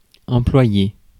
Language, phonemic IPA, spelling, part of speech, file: French, /ɑ̃.plwa.je/, employer, verb, Fr-employer.ogg
- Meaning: 1. to use (a physical thing) 2. to use (an abstract) 3. to be used 4. to employ (a person) 5. to be employed